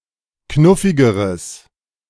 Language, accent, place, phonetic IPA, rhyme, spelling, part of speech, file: German, Germany, Berlin, [ˈknʊfɪɡəʁəs], -ʊfɪɡəʁəs, knuffigeres, adjective, De-knuffigeres.ogg
- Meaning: strong/mixed nominative/accusative neuter singular comparative degree of knuffig